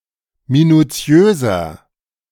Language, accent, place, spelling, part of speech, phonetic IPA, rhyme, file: German, Germany, Berlin, minutiöser, adjective, [minuˈt͡si̯øːzɐ], -øːzɐ, De-minutiöser.ogg
- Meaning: 1. comparative degree of minutiös 2. inflection of minutiös: strong/mixed nominative masculine singular 3. inflection of minutiös: strong genitive/dative feminine singular